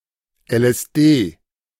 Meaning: initialism of Lysergsäure-diethylamid; LSD
- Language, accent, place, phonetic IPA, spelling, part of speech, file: German, Germany, Berlin, [ɛlʔɛsˈdeː], LSD, abbreviation, De-LSD.ogg